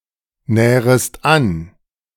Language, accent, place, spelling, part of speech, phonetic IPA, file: German, Germany, Berlin, nährest an, verb, [ˌnɛːʁəst ˈan], De-nährest an.ogg
- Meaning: second-person singular subjunctive I of annähern